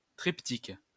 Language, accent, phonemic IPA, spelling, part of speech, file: French, France, /tʁip.tik/, triptyque, noun, LL-Q150 (fra)-triptyque.wav
- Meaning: 1. triptych 2. A three-part customs document allowing for the temporary importation of a motor vehicle into a foreign country without the need to pay customs duties